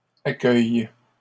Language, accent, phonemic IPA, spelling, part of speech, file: French, Canada, /a.kœj/, accueilles, verb, LL-Q150 (fra)-accueilles.wav
- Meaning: second-person singular present indicative/subjunctive of accueillir